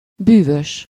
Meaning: magical, magic, bewitching
- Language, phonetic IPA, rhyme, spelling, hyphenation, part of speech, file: Hungarian, [ˈbyːvøʃ], -øʃ, bűvös, bű‧vös, adjective, Hu-bűvös.ogg